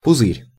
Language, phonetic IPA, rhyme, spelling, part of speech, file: Russian, [pʊˈzɨrʲ], -ɨrʲ, пузырь, noun, Ru-пузырь.ogg
- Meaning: 1. bubble 2. blister 3. bladder 4. bottle (usually of an alcoholic beverage)